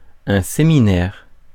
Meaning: 1. seminary 2. seminar 3. sermon
- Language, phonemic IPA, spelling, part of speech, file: French, /se.mi.nɛʁ/, séminaire, noun, Fr-séminaire.ogg